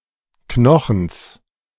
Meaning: genitive singular of Knochen
- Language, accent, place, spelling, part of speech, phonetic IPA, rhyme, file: German, Germany, Berlin, Knochens, noun, [ˈknɔxn̩s], -ɔxn̩s, De-Knochens.ogg